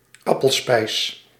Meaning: apple sauce
- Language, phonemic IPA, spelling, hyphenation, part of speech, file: Dutch, /ˈɑ.pəlˌspɛi̯s/, appelspijs, ap‧pel‧spijs, noun, Nl-appelspijs.ogg